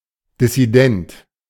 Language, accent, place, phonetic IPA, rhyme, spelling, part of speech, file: German, Germany, Berlin, [dɪsiˈdɛnt], -ɛnt, Dissident, noun, De-Dissident.ogg
- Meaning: dissident